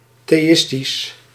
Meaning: theistic
- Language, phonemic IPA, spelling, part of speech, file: Dutch, /ˌteːˈɪs.tis/, theïstisch, adjective, Nl-theïstisch.ogg